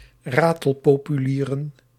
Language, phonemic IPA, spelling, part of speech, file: Dutch, /ˈratəlˌpopyˌlirə(n)/, ratelpopulieren, noun, Nl-ratelpopulieren.ogg
- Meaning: plural of ratelpopulier